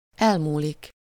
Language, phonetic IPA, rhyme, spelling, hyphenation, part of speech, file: Hungarian, [ˈɛlmuːlik], -uːlik, elmúlik, el‧mú‧lik, verb, Hu-elmúlik.ogg
- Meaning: 1. to pass, go by (time) 2. to stop, cease (pain) 3. to vanish, fade away (memories)